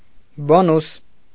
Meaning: bonus (something extra that is good; an added benefit)
- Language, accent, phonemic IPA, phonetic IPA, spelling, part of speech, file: Armenian, Eastern Armenian, /boˈnus/, [bonús], բոնուս, noun, Hy-բոնուս.ogg